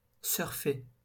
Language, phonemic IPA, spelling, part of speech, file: French, /sœʁ.fe/, surfer, verb, LL-Q150 (fra)-surfer.wav
- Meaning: 1. to surf (on a wave) 2. to surf (to browse the internet)